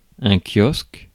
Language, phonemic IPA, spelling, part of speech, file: French, /kjɔsk/, kiosque, noun, Fr-kiosque.ogg
- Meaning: 1. kiosk (enclosed structure) 2. ellipsis of kiosque à musique (“bandstand”); bandstand 3. a sail of a submarine